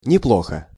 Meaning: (adverb) not badly; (adjective) short neuter singular of неплохо́й (neploxój)
- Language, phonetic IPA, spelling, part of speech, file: Russian, [nʲɪˈpɫoxə], неплохо, adverb / adjective, Ru-неплохо.ogg